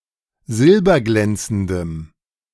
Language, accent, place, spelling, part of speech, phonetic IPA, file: German, Germany, Berlin, silberglänzendem, adjective, [ˈzɪlbɐˌɡlɛnt͡sn̩dəm], De-silberglänzendem.ogg
- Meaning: strong dative masculine/neuter singular of silberglänzend